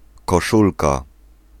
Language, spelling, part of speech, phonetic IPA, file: Polish, koszulka, noun, [kɔˈʃulka], Pl-koszulka.ogg